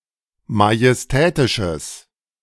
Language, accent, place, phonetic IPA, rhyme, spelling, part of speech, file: German, Germany, Berlin, [majɛsˈtɛːtɪʃəs], -ɛːtɪʃəs, majestätisches, adjective, De-majestätisches.ogg
- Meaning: strong/mixed nominative/accusative neuter singular of majestätisch